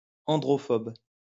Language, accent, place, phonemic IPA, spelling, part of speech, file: French, France, Lyon, /ɑ̃.dʁɔ.fɔb/, androphobe, noun, LL-Q150 (fra)-androphobe.wav
- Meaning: androphobe